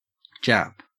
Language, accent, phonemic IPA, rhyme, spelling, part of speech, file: English, Australia, /d͡ʒæp/, -æp, Jap, proper noun / noun / adjective / verb, En-au-Jap.ogg
- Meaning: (proper noun) 1. The Japanese language 2. Clipping of Japanese; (noun) 1. A Japanese person 2. An Imperial Japanese Army soldier; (adjective) Japanese; of or pertaining to Japan or its people